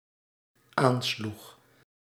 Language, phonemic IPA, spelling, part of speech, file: Dutch, /ˈanslʏx/, aansloeg, verb, Nl-aansloeg.ogg
- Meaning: singular dependent-clause past indicative of aanslaan